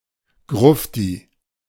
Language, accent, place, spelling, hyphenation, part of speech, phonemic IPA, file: German, Germany, Berlin, Grufti, Gruf‧ti, noun, /ˈɡʁʊfti/, De-Grufti.ogg
- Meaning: 1. coffin dodger, old fart (old person) 2. goth (member of the goth subculture)